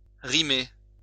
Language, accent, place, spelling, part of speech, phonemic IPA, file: French, France, Lyon, rimer, verb, /ʁi.me/, LL-Q150 (fra)-rimer.wav
- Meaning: 1. to rhyme (of two words, whose final syllables are the same) 2. to rhyme (to make rhymes)